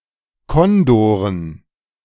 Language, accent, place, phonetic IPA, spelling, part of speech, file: German, Germany, Berlin, [ˈkɔndoːʁən], Kondoren, noun, De-Kondoren.ogg
- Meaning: dative plural of Kondor